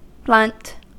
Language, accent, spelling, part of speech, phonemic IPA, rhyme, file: English, US, blunt, adjective / noun / verb, /blʌnt/, -ʌnt, En-us-blunt.ogg
- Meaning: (adjective) 1. Having a thick edge or point; not sharp 2. Dull in understanding; slow of discernment; opposed to acute